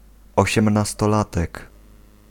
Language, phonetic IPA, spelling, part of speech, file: Polish, [ˌɔɕɛ̃mnastɔˈlatɛk], osiemnastolatek, noun, Pl-osiemnastolatek.ogg